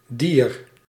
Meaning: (noun) animal (any member of the kingdom Animalia); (determiner) her, their, the latter's (genitive feminine singular and genitive plural of die); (adjective) alternative form of duur
- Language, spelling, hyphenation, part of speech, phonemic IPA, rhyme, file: Dutch, dier, dier, noun / determiner / adjective, /dir/, -ir, Nl-dier.ogg